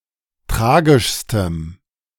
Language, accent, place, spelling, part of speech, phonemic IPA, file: German, Germany, Berlin, tragischstem, adjective, /ˈtʁaːɡɪʃstəm/, De-tragischstem.ogg
- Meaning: strong dative masculine/neuter singular superlative degree of tragisch